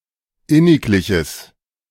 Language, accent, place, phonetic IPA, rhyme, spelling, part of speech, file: German, Germany, Berlin, [ˈɪnɪkˌlɪçəs], -ɪnɪklɪçəs, innigliches, adjective, De-innigliches.ogg
- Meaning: strong/mixed nominative/accusative neuter singular of inniglich